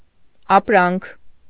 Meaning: goods, product
- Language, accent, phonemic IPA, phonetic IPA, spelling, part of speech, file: Armenian, Eastern Armenian, /ɑpˈɾɑnkʰ/, [ɑpɾɑ́ŋkʰ], ապրանք, noun, Hy-ապրանք.ogg